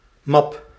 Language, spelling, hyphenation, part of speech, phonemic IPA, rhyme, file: Dutch, map, map, noun, /mɑp/, -ɑp, Nl-map.ogg
- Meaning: 1. folder 2. directory, folder